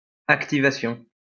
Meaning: activation
- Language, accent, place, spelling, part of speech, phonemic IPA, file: French, France, Lyon, activation, noun, /ak.ti.va.sjɔ̃/, LL-Q150 (fra)-activation.wav